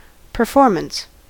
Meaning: The act of performing; carrying into execution or action; execution; achievement; accomplishment; representation by action
- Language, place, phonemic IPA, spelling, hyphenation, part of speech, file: English, California, /pɚˈfɔɹ.mən(t)s/, performance, per‧for‧mance, noun, En-us-performance.ogg